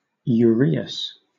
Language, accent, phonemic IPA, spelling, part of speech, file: English, Southern England, /jʊˈɹiː.əs/, uraeus, noun, LL-Q1860 (eng)-uraeus.wav
- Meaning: A representation of the sacred asp, symbolising supreme power in ancient Egypt